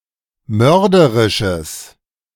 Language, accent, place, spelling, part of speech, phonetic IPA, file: German, Germany, Berlin, mörderisches, adjective, [ˈmœʁdəʁɪʃəs], De-mörderisches.ogg
- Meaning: strong/mixed nominative/accusative neuter singular of mörderisch